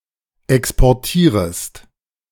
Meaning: second-person singular subjunctive I of exportieren
- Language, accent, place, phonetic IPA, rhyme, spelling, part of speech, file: German, Germany, Berlin, [ˌɛkspɔʁˈtiːʁəst], -iːʁəst, exportierest, verb, De-exportierest.ogg